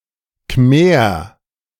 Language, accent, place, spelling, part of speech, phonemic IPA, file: German, Germany, Berlin, Khmer, noun, /kmeːʁ/, De-Khmer.ogg
- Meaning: 1. Khmer (person) 2. Khmer (language)